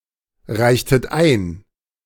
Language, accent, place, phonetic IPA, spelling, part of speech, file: German, Germany, Berlin, [ˌʁaɪ̯çtət ˈaɪ̯n], reichtet ein, verb, De-reichtet ein.ogg
- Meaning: inflection of einreichen: 1. second-person plural preterite 2. second-person plural subjunctive II